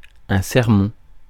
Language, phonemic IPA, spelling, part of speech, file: French, /sɛʁ.mɔ̃/, sermon, noun, Fr-sermon.ogg
- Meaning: 1. sermon (religious speech) 2. sermon, lecture (lengthy reproval)